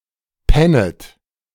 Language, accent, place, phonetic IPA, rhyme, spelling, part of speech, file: German, Germany, Berlin, [ˈpɛnət], -ɛnət, pennet, verb, De-pennet.ogg
- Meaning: second-person plural subjunctive I of pennen